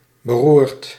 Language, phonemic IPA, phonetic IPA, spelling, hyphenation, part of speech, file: Dutch, /bəˈrurt/, [bəˈruːrt], beroerd, be‧roerd, adjective / verb, Nl-beroerd.ogg
- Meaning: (adjective) bad, poor, crappy; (verb) past participle of beroeren